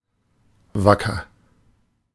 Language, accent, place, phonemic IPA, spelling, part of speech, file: German, Germany, Berlin, /ˈvakəʁ/, wacker, adjective, De-wacker.ogg
- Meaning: 1. efficient, diligent, eager, hearty 2. stalwart, valiant, brave 3. honest, reputable 4. alert, vigilant, waker